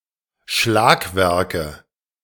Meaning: nominative/accusative/genitive plural of Schlagwerk
- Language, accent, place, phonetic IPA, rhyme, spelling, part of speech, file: German, Germany, Berlin, [ˈʃlaːkˌvɛʁkə], -aːkvɛʁkə, Schlagwerke, noun, De-Schlagwerke.ogg